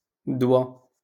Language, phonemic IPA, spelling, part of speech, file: Moroccan Arabic, /dwa/, دوى, verb, LL-Q56426 (ary)-دوى.wav
- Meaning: to talk